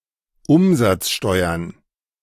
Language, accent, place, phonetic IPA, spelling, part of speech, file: German, Germany, Berlin, [ˈʊmzat͡sˌʃtɔɪ̯ɐn], Umsatzsteuern, noun, De-Umsatzsteuern.ogg
- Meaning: plural of Umsatzsteuer